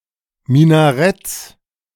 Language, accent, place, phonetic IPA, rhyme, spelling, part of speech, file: German, Germany, Berlin, [minaˈʁɛt͡s], -ɛt͡s, Minaretts, noun, De-Minaretts.ogg
- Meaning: plural of Minarett